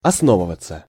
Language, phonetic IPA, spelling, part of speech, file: Russian, [ɐsˈnovɨvət͡sə], основываться, verb, Ru-основываться.ogg
- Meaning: 1. to be based (imperfect only) 2. to settle, to settle down, to stay 3. to arise, to form 4. passive of осно́вывать (osnóvyvatʹ)